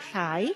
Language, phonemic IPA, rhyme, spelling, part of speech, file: Welsh, /ɬai̯/, -ai̯, llai, adjective, Llai.ogg
- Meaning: 1. comparative degree of bach: smaller 2. less, fewer 3. grey, brown, dun, dark red, dark